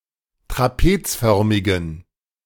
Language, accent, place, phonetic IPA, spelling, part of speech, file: German, Germany, Berlin, [tʁaˈpeːt͡sˌfœʁmɪɡn̩], trapezförmigen, adjective, De-trapezförmigen.ogg
- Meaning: inflection of trapezförmig: 1. strong genitive masculine/neuter singular 2. weak/mixed genitive/dative all-gender singular 3. strong/weak/mixed accusative masculine singular 4. strong dative plural